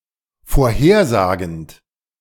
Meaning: present participle of vorhersagen
- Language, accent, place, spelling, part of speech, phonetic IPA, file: German, Germany, Berlin, vorhersagend, verb, [foːɐ̯ˈheːɐ̯ˌzaːɡn̩t], De-vorhersagend.ogg